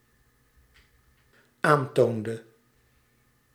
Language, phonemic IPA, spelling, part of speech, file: Dutch, /ˈantondə/, aantoonde, verb, Nl-aantoonde.ogg
- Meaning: inflection of aantonen: 1. singular dependent-clause past indicative 2. singular dependent-clause past subjunctive